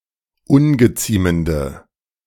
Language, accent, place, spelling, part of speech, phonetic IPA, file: German, Germany, Berlin, ungeziemende, adjective, [ˈʊnɡəˌt͡siːməndə], De-ungeziemende.ogg
- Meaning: inflection of ungeziemend: 1. strong/mixed nominative/accusative feminine singular 2. strong nominative/accusative plural 3. weak nominative all-gender singular